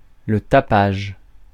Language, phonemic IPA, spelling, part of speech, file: French, /ta.paʒ/, tapage, noun / verb, Fr-tapage.ogg
- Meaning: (noun) noise (annoying sound); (verb) inflection of tapager: 1. first/third-person singular present indicative/subjunctive 2. second-person singular imperative